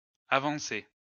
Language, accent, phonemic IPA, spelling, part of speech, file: French, France, /a.vɑ̃.se/, avancés, verb, LL-Q150 (fra)-avancés.wav
- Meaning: masculine plural of avancé